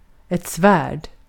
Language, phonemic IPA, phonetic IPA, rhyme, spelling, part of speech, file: Swedish, /ˈsvæːrd/, [ˈsv̥æːɖ], -æːɖ, svärd, noun, Sv-svärd.ogg
- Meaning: a sword